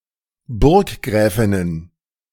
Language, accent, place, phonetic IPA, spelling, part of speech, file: German, Germany, Berlin, [ˈbʊʁkˌɡʁɛːfɪnən], Burggräfinnen, noun, De-Burggräfinnen.ogg
- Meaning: plural of Burggräfin